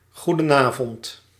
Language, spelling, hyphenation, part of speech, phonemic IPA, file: Dutch, goedenavond, goe‧den‧avond, interjection, /ˌɣu.dəˈnaː.vɔnt/, Nl-goedenavond.ogg
- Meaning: good evening